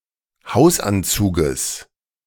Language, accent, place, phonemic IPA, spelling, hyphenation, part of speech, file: German, Germany, Berlin, /ˈhaʊ̯sˌʔant͡suːɡəs/, Hausanzuges, Haus‧an‧zu‧ges, noun, De-Hausanzuges.ogg
- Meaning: genitive singular of Hausanzug